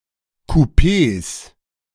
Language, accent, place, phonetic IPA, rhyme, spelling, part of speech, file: German, Germany, Berlin, [kuˈpeːs], -eːs, Kupees, noun, De-Kupees.ogg
- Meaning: plural of Kupee